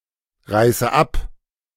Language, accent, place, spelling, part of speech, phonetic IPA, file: German, Germany, Berlin, reiße ab, verb, [ˌʁaɪ̯sə ˈap], De-reiße ab.ogg
- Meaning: inflection of abreißen: 1. first-person singular present 2. first/third-person singular subjunctive I 3. singular imperative